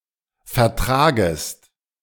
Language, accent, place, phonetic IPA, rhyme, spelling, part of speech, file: German, Germany, Berlin, [fɛɐ̯ˈtʁaːɡəst], -aːɡəst, vertragest, verb, De-vertragest.ogg
- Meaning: second-person singular subjunctive I of vertragen